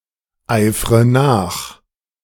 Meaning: inflection of nacheifern: 1. first-person singular present 2. first/third-person singular subjunctive I 3. singular imperative
- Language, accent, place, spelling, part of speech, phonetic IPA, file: German, Germany, Berlin, eifre nach, verb, [ˌaɪ̯fʁə ˈnaːx], De-eifre nach.ogg